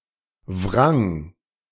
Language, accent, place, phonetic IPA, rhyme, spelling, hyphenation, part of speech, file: German, Germany, Berlin, [vʁaŋ], -aŋ, wrang, wrang, verb, De-wrang.ogg
- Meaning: first/third-person singular preterite of wringen